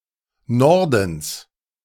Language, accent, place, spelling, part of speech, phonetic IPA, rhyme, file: German, Germany, Berlin, Nordens, noun, [ˈnɔʁdn̩s], -ɔʁdn̩s, De-Nordens.ogg
- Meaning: genitive singular of Norden